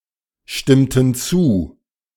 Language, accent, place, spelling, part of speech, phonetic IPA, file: German, Germany, Berlin, stimmten zu, verb, [ˌʃtɪmtn̩ ˈt͡suː], De-stimmten zu.ogg
- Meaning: inflection of zustimmen: 1. first/third-person plural preterite 2. first/third-person plural subjunctive II